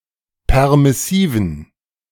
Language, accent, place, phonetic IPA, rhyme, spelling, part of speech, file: German, Germany, Berlin, [ˌpɛʁmɪˈsiːvn̩], -iːvn̩, permissiven, adjective, De-permissiven.ogg
- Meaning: inflection of permissiv: 1. strong genitive masculine/neuter singular 2. weak/mixed genitive/dative all-gender singular 3. strong/weak/mixed accusative masculine singular 4. strong dative plural